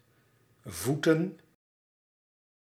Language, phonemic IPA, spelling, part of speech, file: Dutch, /ˈvu.tə(n)/, voeten, noun, Nl-voeten.ogg
- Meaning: plural of voet